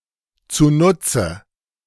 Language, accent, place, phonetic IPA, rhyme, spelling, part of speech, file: German, Germany, Berlin, [t͡suˈnʊt͡sə], -ʊt͡sə, zunutze, adverb, De-zunutze.ogg
- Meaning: For the purpose or benefit (of)